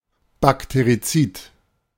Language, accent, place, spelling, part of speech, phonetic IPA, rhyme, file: German, Germany, Berlin, Bakterizid, noun, [bakteʁiˈt͡siːt], -iːt, De-Bakterizid.ogg
- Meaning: bactericide, antibiotic